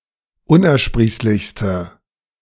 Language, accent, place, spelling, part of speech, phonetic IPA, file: German, Germany, Berlin, unersprießlichste, adjective, [ˈʊnʔɛɐ̯ˌʃpʁiːslɪçstə], De-unersprießlichste.ogg
- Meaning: inflection of unersprießlich: 1. strong/mixed nominative/accusative feminine singular superlative degree 2. strong nominative/accusative plural superlative degree